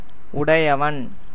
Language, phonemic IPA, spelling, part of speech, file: Tamil, /ʊɖɐɪ̯jɐʋɐn/, உடையவன், noun, Ta-உடையவன்.ogg
- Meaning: 1. masculine singular present verbal noun of உடை (uṭai, “to own”) 2. possessor, owner